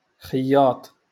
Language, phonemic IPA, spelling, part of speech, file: Moroccan Arabic, /xij.jaːtˤ/, خياط, noun, LL-Q56426 (ary)-خياط.wav
- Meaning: tailor, seamster